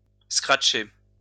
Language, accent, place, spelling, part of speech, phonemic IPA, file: French, France, Lyon, scratcher, verb, /skʁat.ʃe/, LL-Q150 (fra)-scratcher.wav
- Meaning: to scratch, to make a scratch